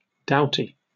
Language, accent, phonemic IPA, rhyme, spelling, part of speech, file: English, UK, /ˈdaʊti/, -aʊti, doughty, adjective / noun, En-uk-doughty.oga
- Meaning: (adjective) 1. Bold; brave, courageous 2. Robust, sturdy; strong and perhaps stout 3. Catachresis for dowdy; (noun) A person who is bold or brave